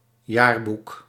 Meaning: 1. yearbook 2. annals, chronicle
- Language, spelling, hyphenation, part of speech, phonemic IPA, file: Dutch, jaarboek, jaar‧boek, noun, /ˈjaːr.buk/, Nl-jaarboek.ogg